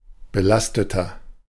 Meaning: inflection of belastet: 1. strong/mixed nominative masculine singular 2. strong genitive/dative feminine singular 3. strong genitive plural
- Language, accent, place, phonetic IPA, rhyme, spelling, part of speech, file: German, Germany, Berlin, [bəˈlastətɐ], -astətɐ, belasteter, adjective, De-belasteter.ogg